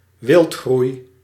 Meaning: 1. overgrowth; excessive growth of plants 2. excessive growth, development or increase
- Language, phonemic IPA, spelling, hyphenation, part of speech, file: Dutch, /ˈʋɪlt.xrui̯/, wildgroei, wild‧groei, noun, Nl-wildgroei.ogg